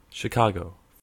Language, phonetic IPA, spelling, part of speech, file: English, [ʃɪˈkä(ː).ɡo], Chicago, proper noun / noun, En-Chicago.ogg
- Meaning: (proper noun) A large city, the county seat of Cook County, in northeastern Illinois, United States, located on Lake Michigan; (noun) Any of various forms of the game of pool, designed for gambling